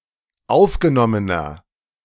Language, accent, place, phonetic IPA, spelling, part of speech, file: German, Germany, Berlin, [ˈaʊ̯fɡəˌnɔmənɐ], aufgenommener, adjective, De-aufgenommener.ogg
- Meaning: inflection of aufgenommen: 1. strong/mixed nominative masculine singular 2. strong genitive/dative feminine singular 3. strong genitive plural